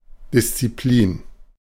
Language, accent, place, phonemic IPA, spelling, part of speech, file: German, Germany, Berlin, /dɪst͡sɪplˈiːn/, Disziplin, noun, De-Disziplin.ogg
- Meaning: discipline